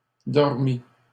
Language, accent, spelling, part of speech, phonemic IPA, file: French, Canada, dormies, verb, /dɔʁ.mi/, LL-Q150 (fra)-dormies.wav
- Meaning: feminine plural of dormi